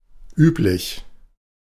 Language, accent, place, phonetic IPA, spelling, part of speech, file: German, Germany, Berlin, [ˈyːplɪç], üblich, adjective, De-üblich.ogg
- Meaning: usual